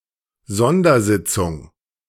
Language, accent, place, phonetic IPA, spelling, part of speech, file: German, Germany, Berlin, [ˈzɔndɐˌzɪt͡sʊŋ], Sondersitzung, noun, De-Sondersitzung.ogg
- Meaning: special session; extraordinary meeting